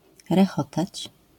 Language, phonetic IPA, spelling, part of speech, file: Polish, [rɛˈxɔtat͡ɕ], rechotać, verb, LL-Q809 (pol)-rechotać.wav